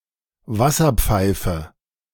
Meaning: water pipe: 1. bong 2. hookah
- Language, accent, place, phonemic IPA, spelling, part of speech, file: German, Germany, Berlin, /ˈvasɐˌ(p)faɪ̯fə/, Wasserpfeife, noun, De-Wasserpfeife.ogg